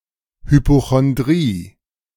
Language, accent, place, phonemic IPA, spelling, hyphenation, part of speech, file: German, Germany, Berlin, /hypoxɔnˈdʁiː/, Hypochondrie, Hy‧po‧chon‧drie, noun, De-Hypochondrie.ogg
- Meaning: hypochondria